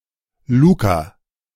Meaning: a male given name from Italian, of early 2000's origin
- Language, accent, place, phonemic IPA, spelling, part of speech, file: German, Germany, Berlin, /ˈluːka/, Luca, proper noun, De-Luca.ogg